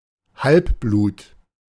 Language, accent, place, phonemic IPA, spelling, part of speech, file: German, Germany, Berlin, /ˈhalpˌbluːt/, Halbblut, noun, De-Halbblut.ogg
- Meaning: half-breed, half-caste, half-blood